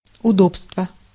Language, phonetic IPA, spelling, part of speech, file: Russian, [ʊˈdopstvə], удобства, noun, Ru-удобства.ogg
- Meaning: inflection of удо́бство (udóbstvo): 1. genitive singular 2. nominative/accusative plural